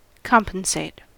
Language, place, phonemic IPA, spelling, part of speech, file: English, California, /ˈkɑm.pənˌseɪt/, compensate, verb, En-us-compensate.ogg
- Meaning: 1. To do (something good) after (something bad) happens 2. To pay or reward someone in exchange for work done or some other consideration